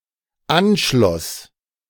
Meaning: first/third-person singular dependent preterite of anschließen
- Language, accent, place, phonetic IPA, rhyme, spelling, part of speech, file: German, Germany, Berlin, [ˈanˌʃlɔs], -anʃlɔs, anschloss, verb, De-anschloss.ogg